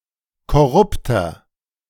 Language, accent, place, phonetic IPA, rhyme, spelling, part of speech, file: German, Germany, Berlin, [kɔˈʁʊptɐ], -ʊptɐ, korrupter, adjective, De-korrupter.ogg
- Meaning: 1. comparative degree of korrupt 2. inflection of korrupt: strong/mixed nominative masculine singular 3. inflection of korrupt: strong genitive/dative feminine singular